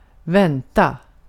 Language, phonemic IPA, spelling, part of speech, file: Swedish, /²vɛnːta/, vänta, verb, Sv-vänta.ogg
- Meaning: 1. to wait 2. to wait for, to expect 3. to expect, to anticipate